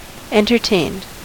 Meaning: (adjective) Enjoying to having enjoyed entertainments; amused; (verb) simple past and past participle of entertain
- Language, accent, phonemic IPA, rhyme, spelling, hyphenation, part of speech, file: English, US, /ˌɛntɚˈteɪnd/, -eɪnd, entertained, en‧ter‧tained, adjective / verb, En-us-entertained.ogg